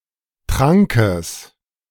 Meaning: genitive singular of Trank
- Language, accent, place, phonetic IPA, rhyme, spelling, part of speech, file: German, Germany, Berlin, [ˈtʁaŋkəs], -aŋkəs, Trankes, noun, De-Trankes.ogg